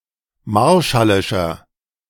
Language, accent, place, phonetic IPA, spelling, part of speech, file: German, Germany, Berlin, [ˈmaʁʃalɪʃɐ], marshallischer, adjective, De-marshallischer.ogg
- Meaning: inflection of marshallisch: 1. strong/mixed nominative masculine singular 2. strong genitive/dative feminine singular 3. strong genitive plural